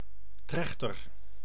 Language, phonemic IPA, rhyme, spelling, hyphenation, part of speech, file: Dutch, /ˈtrɛxtər/, -ɛxtər, trechter, trech‧ter, noun, Nl-trechter.ogg
- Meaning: funnel